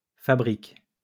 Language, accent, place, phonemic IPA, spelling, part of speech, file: French, France, Lyon, /fa.bʁik/, fabriques, verb, LL-Q150 (fra)-fabriques.wav
- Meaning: second-person singular present indicative/subjunctive of fabriquer